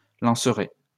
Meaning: first-person singular simple future of lancer
- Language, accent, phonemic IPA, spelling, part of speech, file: French, France, /lɑ̃.sʁe/, lancerai, verb, LL-Q150 (fra)-lancerai.wav